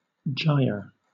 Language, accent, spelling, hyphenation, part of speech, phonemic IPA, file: English, Southern England, gyre, gy‧re, noun / verb, /d͡ʒaɪ.ə/, LL-Q1860 (eng)-gyre.wav
- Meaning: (noun) 1. A swirling vortex 2. A circular or spiral motion; also, a circle described by a moving body; a revolution, a turn 3. Synonym of gyrus (“a fold or ridge on the cerebral cortex of the brain”)